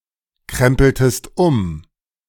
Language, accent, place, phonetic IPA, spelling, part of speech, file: German, Germany, Berlin, [ˌkʁɛmpl̩təst ˈʊm], krempeltest um, verb, De-krempeltest um.ogg
- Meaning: inflection of umkrempeln: 1. second-person singular preterite 2. second-person singular subjunctive II